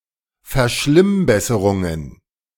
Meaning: plural of Verschlimmbesserung
- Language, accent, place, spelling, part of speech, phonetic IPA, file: German, Germany, Berlin, Verschlimmbesserungen, noun, [fɛɐ̯ˈʃlɪmˌbɛsəʁʊŋən], De-Verschlimmbesserungen.ogg